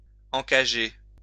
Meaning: to cage, encage
- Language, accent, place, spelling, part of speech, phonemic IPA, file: French, France, Lyon, encager, verb, /ɑ̃.ka.ʒe/, LL-Q150 (fra)-encager.wav